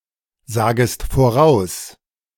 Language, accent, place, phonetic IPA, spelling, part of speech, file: German, Germany, Berlin, [ˌzaːɡəst foˈʁaʊ̯s], sagest voraus, verb, De-sagest voraus.ogg
- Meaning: second-person singular subjunctive I of voraussagen